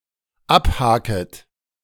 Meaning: second-person plural dependent subjunctive I of abhaken
- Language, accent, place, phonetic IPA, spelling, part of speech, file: German, Germany, Berlin, [ˈapˌhaːkət], abhaket, verb, De-abhaket.ogg